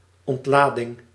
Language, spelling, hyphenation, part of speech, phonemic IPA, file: Dutch, ontlading, ont‧la‧ding, noun, /ɔntˈladɪŋ/, Nl-ontlading.ogg
- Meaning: 1. electrical discharge 2. relaxation, release of stress